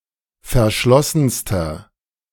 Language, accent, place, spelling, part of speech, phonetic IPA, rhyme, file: German, Germany, Berlin, verschlossenster, adjective, [fɛɐ̯ˈʃlɔsn̩stɐ], -ɔsn̩stɐ, De-verschlossenster.ogg
- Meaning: inflection of verschlossen: 1. strong/mixed nominative masculine singular superlative degree 2. strong genitive/dative feminine singular superlative degree 3. strong genitive plural superlative degree